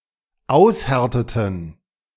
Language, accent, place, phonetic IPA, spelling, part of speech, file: German, Germany, Berlin, [ˈaʊ̯sˌhɛʁtətn̩], aushärteten, verb, De-aushärteten.ogg
- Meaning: inflection of aushärten: 1. first/third-person plural dependent preterite 2. first/third-person plural dependent subjunctive II